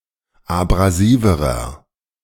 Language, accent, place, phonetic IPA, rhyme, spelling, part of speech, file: German, Germany, Berlin, [abʁaˈziːvəʁɐ], -iːvəʁɐ, abrasiverer, adjective, De-abrasiverer.ogg
- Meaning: inflection of abrasiv: 1. strong/mixed nominative masculine singular comparative degree 2. strong genitive/dative feminine singular comparative degree 3. strong genitive plural comparative degree